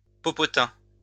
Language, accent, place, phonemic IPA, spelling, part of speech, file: French, France, Lyon, /pɔ.pɔ.tɛ̃/, popotin, noun, LL-Q150 (fra)-popotin.wav
- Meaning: bum (UK), butt (US)